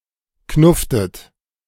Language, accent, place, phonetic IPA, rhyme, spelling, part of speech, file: German, Germany, Berlin, [ˈknʊftət], -ʊftət, knufftet, verb, De-knufftet.ogg
- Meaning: inflection of knuffen: 1. second-person plural preterite 2. second-person plural subjunctive II